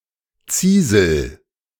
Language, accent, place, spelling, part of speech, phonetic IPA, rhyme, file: German, Germany, Berlin, Ziesel, noun, [ˈt͡siːzl̩], -iːzl̩, De-Ziesel.ogg
- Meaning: ground squirrel; suslik